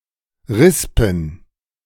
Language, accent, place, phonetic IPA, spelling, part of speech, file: German, Germany, Berlin, [ˈʁɪspn̩], Rispen, noun, De-Rispen.ogg
- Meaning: plural of Rispe